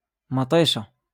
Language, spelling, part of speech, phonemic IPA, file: Moroccan Arabic, ماطيشة, noun, /maː.tˤiː.ʃa/, LL-Q56426 (ary)-ماطيشة.wav
- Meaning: tomatoes